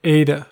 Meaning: 1. The seventh letter of the Modern Greek alphabet, the eighth in Old Greek 2. A kind of electrically neutral meson having zero spin and isospin
- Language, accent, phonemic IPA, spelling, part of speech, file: English, US, /ˈeɪtə/, eta, noun, En-us-eta.ogg